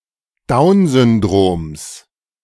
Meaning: genitive singular of Downsyndrom
- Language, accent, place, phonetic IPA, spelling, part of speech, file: German, Germany, Berlin, [ˈdaʊ̯nsʏnˌdʁoːms], Downsyndroms, noun, De-Downsyndroms.ogg